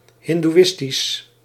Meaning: Hindu, Hinduistic
- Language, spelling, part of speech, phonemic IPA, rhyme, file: Dutch, hindoeïstisch, adjective, /ˌɦɪn.duˈɪs.tis/, -ɪstis, Nl-hindoeïstisch.ogg